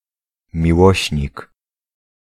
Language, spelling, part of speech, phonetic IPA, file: Polish, miłośnik, noun, [mʲiˈwɔɕɲik], Pl-miłośnik.ogg